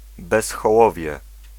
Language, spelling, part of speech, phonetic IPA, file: Polish, bezhołowie, noun, [ˌbɛsxɔˈwɔvʲjɛ], Pl-bezhołowie.ogg